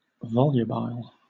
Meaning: Turning or whirling; winding
- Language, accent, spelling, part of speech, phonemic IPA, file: English, Southern England, volubile, adjective, /ˈvɒljʊbaɪl/, LL-Q1860 (eng)-volubile.wav